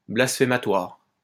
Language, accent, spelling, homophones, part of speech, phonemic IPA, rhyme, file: French, France, blasphématoire, blasphématoires, adjective, /blas.fe.ma.twaʁ/, -aʁ, LL-Q150 (fra)-blasphématoire.wav
- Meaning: blasphemous